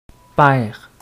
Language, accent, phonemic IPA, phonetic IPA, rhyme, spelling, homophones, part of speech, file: French, Quebec, /pɛʁ/, [paɛ̯ʁ], -ɛʁ, père, pair / paire / paires / pairs / perd / perds / pères, noun, Qc-père.ogg
- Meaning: 1. father (parent) 2. father (clergyman) 3. Sr. (senior) (postnominal title used to indicate a father that shares the same name as the son)